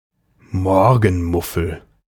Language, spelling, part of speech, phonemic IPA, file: German, Morgenmuffel, noun, /ˈmɔʁɡn̩ˌmʊfl̩/, De-Morgenmuffel.ogg
- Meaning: someone who is in a bad mood in the morning and does not like to wake up early, a morning grouch, not a morning type of person